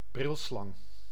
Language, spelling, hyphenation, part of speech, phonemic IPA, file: Dutch, brilslang, bril‧slang, noun, /ˈbrɪl.slɑŋ/, Nl-brilslang.ogg
- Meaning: Indian cobra (Naja naja)